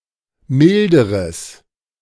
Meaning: strong/mixed nominative/accusative neuter singular comparative degree of mild
- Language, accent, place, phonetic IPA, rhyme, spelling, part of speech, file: German, Germany, Berlin, [ˈmɪldəʁəs], -ɪldəʁəs, milderes, adjective, De-milderes.ogg